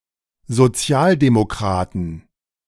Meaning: plural of Sozialdemokrat
- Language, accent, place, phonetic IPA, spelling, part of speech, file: German, Germany, Berlin, [zoˈt͡si̯aːldemoˌkʁaːtn̩], Sozialdemokraten, noun, De-Sozialdemokraten.ogg